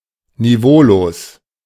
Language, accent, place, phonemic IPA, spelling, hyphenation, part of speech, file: German, Germany, Berlin, /niˈvoːloːs/, niveaulos, ni‧veau‧los, adjective, De-niveaulos.ogg
- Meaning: 1. distasteful, unclassy, undignified (failing to meet even basic standards of respect) 2. lowbrow, stupid, lacking in wit, sophistication or quality (of entertainment, humor, etc.)